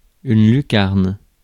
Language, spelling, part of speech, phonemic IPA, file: French, lucarne, noun, /ly.kaʁn/, Fr-lucarne.ogg
- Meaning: 1. dormer window 2. skylight 3. top corner of the net